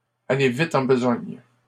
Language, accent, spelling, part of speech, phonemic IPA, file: French, Canada, aller vite en besogne, verb, /a.le vi.t‿ɑ̃ b(ə).zɔɲ/, LL-Q150 (fra)-aller vite en besogne.wav
- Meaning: to be hasty, to get ahead of oneself